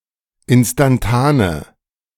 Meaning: inflection of instantan: 1. strong/mixed nominative/accusative feminine singular 2. strong nominative/accusative plural 3. weak nominative all-gender singular
- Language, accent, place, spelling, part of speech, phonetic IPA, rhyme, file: German, Germany, Berlin, instantane, adjective, [ˌɪnstanˈtaːnə], -aːnə, De-instantane.ogg